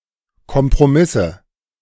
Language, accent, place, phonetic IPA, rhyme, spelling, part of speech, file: German, Germany, Berlin, [kɔmpʁoˈmɪsə], -ɪsə, Kompromisse, noun, De-Kompromisse.ogg
- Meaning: nominative/accusative/genitive plural of Kompromiss